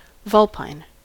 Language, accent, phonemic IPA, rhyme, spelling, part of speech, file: English, US, /ˈvʌlpaɪn/, -ʌlpaɪn, vulpine, adjective / noun, En-us-vulpine.ogg
- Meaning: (adjective) 1. Pertaining to a fox 2. Having the characteristics of a fox; foxlike; cunning